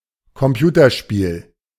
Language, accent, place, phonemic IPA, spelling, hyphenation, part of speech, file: German, Germany, Berlin, /kɔmˈpjuːtɐˌʃpiːl/, Computerspiel, Com‧pu‧ter‧spiel, noun, De-Computerspiel.ogg
- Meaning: computer game